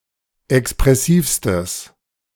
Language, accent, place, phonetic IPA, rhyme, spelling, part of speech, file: German, Germany, Berlin, [ɛkspʁɛˈsiːfstəs], -iːfstəs, expressivstes, adjective, De-expressivstes.ogg
- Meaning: strong/mixed nominative/accusative neuter singular superlative degree of expressiv